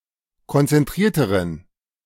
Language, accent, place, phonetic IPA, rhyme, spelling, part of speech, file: German, Germany, Berlin, [kɔnt͡sɛnˈtʁiːɐ̯təʁən], -iːɐ̯təʁən, konzentrierteren, adjective, De-konzentrierteren.ogg
- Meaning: inflection of konzentriert: 1. strong genitive masculine/neuter singular comparative degree 2. weak/mixed genitive/dative all-gender singular comparative degree